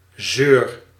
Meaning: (noun) a (female) sour or whiny person; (verb) inflection of zeuren: 1. first-person singular present indicative 2. second-person singular present indicative 3. imperative
- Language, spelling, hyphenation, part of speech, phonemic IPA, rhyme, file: Dutch, zeur, zeur, noun / verb, /zøːr/, -øːr, Nl-zeur.ogg